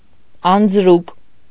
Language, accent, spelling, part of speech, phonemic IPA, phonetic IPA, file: Armenian, Eastern Armenian, անձրուկ, noun, /ɑnd͡zˈɾuk/, [ɑnd͡zɾúk], Hy-անձրուկ.ogg
- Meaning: anchovy, Engraulis